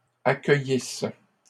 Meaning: first-person singular imperfect subjunctive of accueillir
- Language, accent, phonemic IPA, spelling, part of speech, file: French, Canada, /a.kœ.jis/, accueillisse, verb, LL-Q150 (fra)-accueillisse.wav